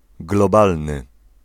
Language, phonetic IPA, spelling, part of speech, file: Polish, [ɡlɔˈbalnɨ], globalny, adjective, Pl-globalny.ogg